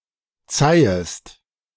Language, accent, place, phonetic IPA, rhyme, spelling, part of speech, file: German, Germany, Berlin, [ˈt͡saɪ̯əst], -aɪ̯əst, zeihest, verb, De-zeihest.ogg
- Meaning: second-person singular subjunctive I of zeihen